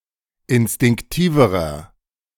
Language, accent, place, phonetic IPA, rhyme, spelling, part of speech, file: German, Germany, Berlin, [ɪnstɪŋkˈtiːvəʁɐ], -iːvəʁɐ, instinktiverer, adjective, De-instinktiverer.ogg
- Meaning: inflection of instinktiv: 1. strong/mixed nominative masculine singular comparative degree 2. strong genitive/dative feminine singular comparative degree 3. strong genitive plural comparative degree